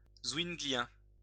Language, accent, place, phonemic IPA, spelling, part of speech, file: French, France, Lyon, /zviŋ.ɡli.jɛ̃/, zwinglien, adjective, LL-Q150 (fra)-zwinglien.wav
- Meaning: Zwinglian